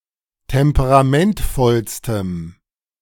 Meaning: strong dative masculine/neuter singular superlative degree of temperamentvoll
- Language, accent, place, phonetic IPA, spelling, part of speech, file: German, Germany, Berlin, [ˌtɛmpəʁaˈmɛntfɔlstəm], temperamentvollstem, adjective, De-temperamentvollstem.ogg